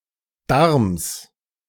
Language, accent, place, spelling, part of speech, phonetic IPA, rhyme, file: German, Germany, Berlin, Darms, proper noun / noun, [daʁms], -aʁms, De-Darms.ogg
- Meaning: genitive singular of Darm